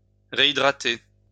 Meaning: to rehydrate
- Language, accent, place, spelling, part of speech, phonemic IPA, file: French, France, Lyon, réhydrater, verb, /ʁe.i.dʁa.te/, LL-Q150 (fra)-réhydrater.wav